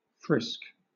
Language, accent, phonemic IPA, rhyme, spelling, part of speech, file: English, Southern England, /fɹɪsk/, -ɪsk, frisk, adjective / noun / verb, LL-Q1860 (eng)-frisk.wav
- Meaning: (adjective) Lively; brisk; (noun) 1. A little playful skip or leap; a brisk and lively movement 2. The act of frisking, of searching for something by feeling someone's body